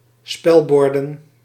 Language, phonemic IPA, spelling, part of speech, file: Dutch, /ˈspɛlbɔrdə(n)/, spelborden, noun, Nl-spelborden.ogg
- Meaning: plural of spelbord